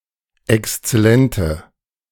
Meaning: inflection of exzellent: 1. strong/mixed nominative/accusative feminine singular 2. strong nominative/accusative plural 3. weak nominative all-gender singular
- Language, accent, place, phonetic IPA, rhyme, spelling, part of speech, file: German, Germany, Berlin, [ɛkst͡sɛˈlɛntə], -ɛntə, exzellente, adjective, De-exzellente.ogg